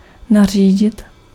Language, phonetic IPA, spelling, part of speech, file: Czech, [ˈnar̝iːɟɪt], nařídit, verb, Cs-nařídit.ogg
- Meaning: to order, to command